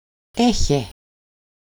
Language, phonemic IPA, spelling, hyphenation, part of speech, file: Greek, /ˈe.çe/, έχε, έ‧χε, verb, El-έχε.ogg
- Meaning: second-person singular imperative of έχω (écho): "have!"